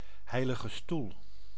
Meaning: 1. the Holy See, Rome (the Vatican) as seat of and metonomy for the papacy and the universal Roman Catholic church which it heads 2. a neighborhood of Wijchen, Gelderland, Netherlands
- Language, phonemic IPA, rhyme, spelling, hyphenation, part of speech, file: Dutch, /ˌɦɛi̯.lɪ.ɣə ˈstul/, -ul, Heilige Stoel, Hei‧li‧ge Stoel, proper noun, Nl-Heilige Stoel.ogg